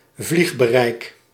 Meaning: flight radius (range to where one can fly without stops)
- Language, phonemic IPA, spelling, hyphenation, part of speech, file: Dutch, /ˈvlix.bəˌrɛi̯k/, vliegbereik, vlieg‧be‧reik, noun, Nl-vliegbereik.ogg